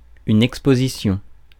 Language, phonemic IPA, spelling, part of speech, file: French, /ɛk.spo.zi.sjɔ̃/, exposition, noun, Fr-exposition.ogg
- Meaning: 1. exposition 2. exhibition 3. exposure